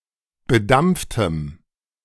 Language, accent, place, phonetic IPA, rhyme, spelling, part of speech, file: German, Germany, Berlin, [bəˈdamp͡ftəm], -amp͡ftəm, bedampftem, adjective, De-bedampftem.ogg
- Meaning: strong dative masculine/neuter singular of bedampft